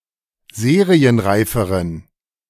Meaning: inflection of serienreif: 1. strong genitive masculine/neuter singular comparative degree 2. weak/mixed genitive/dative all-gender singular comparative degree
- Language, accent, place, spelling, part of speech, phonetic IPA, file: German, Germany, Berlin, serienreiferen, adjective, [ˈzeːʁiənˌʁaɪ̯fəʁən], De-serienreiferen.ogg